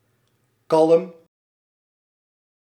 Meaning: 1. calm, tranquil, free of noise and disturbance 2. calm, composed, cool-headed
- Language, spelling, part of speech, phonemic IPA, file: Dutch, kalm, adjective, /kɑl(ə)m/, Nl-kalm.ogg